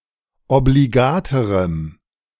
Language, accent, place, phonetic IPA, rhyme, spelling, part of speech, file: German, Germany, Berlin, [obliˈɡaːtəʁəm], -aːtəʁəm, obligaterem, adjective, De-obligaterem.ogg
- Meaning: strong dative masculine/neuter singular comparative degree of obligat